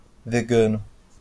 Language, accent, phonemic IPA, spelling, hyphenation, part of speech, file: Portuguese, Brazil, /veˈɡɐ̃.nu/, vegano, ve‧ga‧no, adjective / noun, LL-Q5146 (por)-vegano.wav
- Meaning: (adjective) vegan (relating to vegans or veganism); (noun) vegan (person who follows a vegan diet)